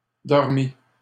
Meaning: 1. first/second-person singular past historic of dormir 2. masculine plural of dormi
- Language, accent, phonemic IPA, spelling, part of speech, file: French, Canada, /dɔʁ.mi/, dormis, verb, LL-Q150 (fra)-dormis.wav